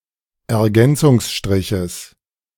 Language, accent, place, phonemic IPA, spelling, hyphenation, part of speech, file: German, Germany, Berlin, /ɛɐ̯ˈɡɛnt͡sʊŋsʃtʁɪçəs/, Ergänzungsstriches, Er‧gän‧zungs‧stri‧ches, noun, De-Ergänzungsstriches.ogg
- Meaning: genitive singular of Ergänzungsstrich